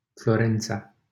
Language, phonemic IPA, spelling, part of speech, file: Romanian, /floˈren.t͡sa/, Florența, proper noun, LL-Q7913 (ron)-Florența.wav
- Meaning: Florence (a city and comune, the capital of the Metropolitan City of Florence and the region of Tuscany, Italy)